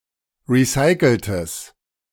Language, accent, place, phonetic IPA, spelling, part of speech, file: German, Germany, Berlin, [ˌʁiˈsaɪ̯kl̩təs], recyceltes, adjective, De-recyceltes.ogg
- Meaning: strong/mixed nominative/accusative neuter singular of recycelt